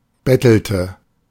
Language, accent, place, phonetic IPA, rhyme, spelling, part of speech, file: German, Germany, Berlin, [ˈbɛtl̩tə], -ɛtl̩tə, bettelte, verb, De-bettelte.ogg
- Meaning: inflection of betteln: 1. first/third-person singular preterite 2. first/third-person singular subjunctive II